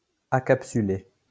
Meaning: acapsular
- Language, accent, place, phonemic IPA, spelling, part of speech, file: French, France, Lyon, /a.kap.sy.le/, acapsulé, adjective, LL-Q150 (fra)-acapsulé.wav